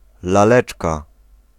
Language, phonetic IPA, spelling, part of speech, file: Polish, [laˈlɛt͡ʃka], laleczka, noun, Pl-laleczka.ogg